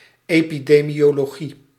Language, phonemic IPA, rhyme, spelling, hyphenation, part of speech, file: Dutch, /ˌeː.pi.deː.mi.oː.loːˈɣi/, -i, epidemiologie, epi‧de‧mio‧lo‧gie, noun, Nl-epidemiologie.ogg
- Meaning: epidemiology